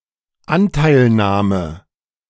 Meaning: condolence
- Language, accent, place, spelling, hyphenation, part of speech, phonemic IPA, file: German, Germany, Berlin, Anteilnahme, An‧teil‧nah‧me, noun, /ˈantaɪ̯lˌnaːmə/, De-Anteilnahme.ogg